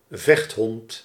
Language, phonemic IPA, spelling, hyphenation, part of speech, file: Dutch, /ˈvɛxt.ɦɔnt/, vechthond, vecht‧hond, noun, Nl-vechthond.ogg
- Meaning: a fighting dog